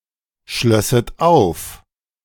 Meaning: second-person plural subjunctive II of aufschließen
- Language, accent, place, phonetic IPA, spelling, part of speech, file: German, Germany, Berlin, [ˌʃlœsət ˈaʊ̯f], schlösset auf, verb, De-schlösset auf.ogg